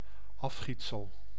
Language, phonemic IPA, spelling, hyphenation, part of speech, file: Dutch, /ˈɑfˌxit.səl/, afgietsel, af‧giet‧sel, noun, Nl-afgietsel.ogg
- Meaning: cast, an object made by pouring liqui(fie)d matter in a mould